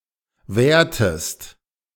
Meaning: inflection of währen: 1. second-person singular preterite 2. second-person singular subjunctive II
- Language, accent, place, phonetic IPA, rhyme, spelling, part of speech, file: German, Germany, Berlin, [ˈvɛːɐ̯təst], -ɛːɐ̯təst, währtest, verb, De-währtest.ogg